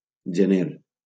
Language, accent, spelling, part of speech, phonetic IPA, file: Catalan, Valencia, gener, noun, [d͡ʒeˈneɾ], LL-Q7026 (cat)-gener.wav
- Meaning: January